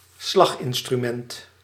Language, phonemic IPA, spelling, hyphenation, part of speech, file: Dutch, /ˈslaxɪnstryˌmɛŋt/, slaginstrument, slag‧in‧stru‧ment, noun, Nl-slaginstrument.ogg
- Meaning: percussion instrument